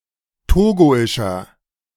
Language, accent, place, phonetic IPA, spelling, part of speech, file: German, Germany, Berlin, [ˈtoːɡoɪʃɐ], togoischer, adjective, De-togoischer.ogg
- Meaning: inflection of togoisch: 1. strong/mixed nominative masculine singular 2. strong genitive/dative feminine singular 3. strong genitive plural